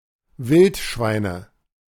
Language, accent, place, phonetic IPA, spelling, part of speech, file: German, Germany, Berlin, [ˈvɪltˌʃvaɪ̯nə], Wildschweine, noun, De-Wildschweine.ogg
- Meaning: nominative/accusative/genitive plural of Wildschwein